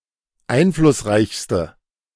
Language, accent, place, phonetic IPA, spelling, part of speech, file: German, Germany, Berlin, [ˈaɪ̯nflʊsˌʁaɪ̯çstə], einflussreichste, adjective, De-einflussreichste.ogg
- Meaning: inflection of einflussreich: 1. strong/mixed nominative/accusative feminine singular superlative degree 2. strong nominative/accusative plural superlative degree